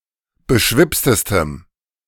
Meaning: strong dative masculine/neuter singular superlative degree of beschwipst
- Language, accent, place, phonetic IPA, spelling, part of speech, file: German, Germany, Berlin, [bəˈʃvɪpstəstəm], beschwipstestem, adjective, De-beschwipstestem.ogg